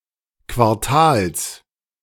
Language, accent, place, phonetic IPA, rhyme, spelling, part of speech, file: German, Germany, Berlin, [kvaʁˈtaːls], -aːls, Quartals, noun, De-Quartals.ogg
- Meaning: genitive singular of Quartal